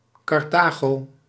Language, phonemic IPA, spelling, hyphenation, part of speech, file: Dutch, /ˌkɑrˈtaː.ɣoː/, Carthago, Car‧tha‧go, proper noun, Nl-Carthago.ogg
- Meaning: Carthage